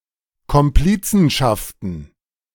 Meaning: plural of Komplizenschaft
- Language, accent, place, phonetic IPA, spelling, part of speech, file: German, Germany, Berlin, [kɔmˈpliːt͡sn̩ʃaftn̩], Komplizenschaften, noun, De-Komplizenschaften.ogg